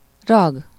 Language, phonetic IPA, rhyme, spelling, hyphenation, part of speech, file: Hungarian, [ˈrɒɡ], -ɒɡ, rag, rag, noun, Hu-rag.ogg
- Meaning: terminal inflectional suffix/affix, termination, ending (for nominals, mostly case endings; for verbs and postpositions, personal suffixes; almost exclusively at the very end of a word in Hungarian)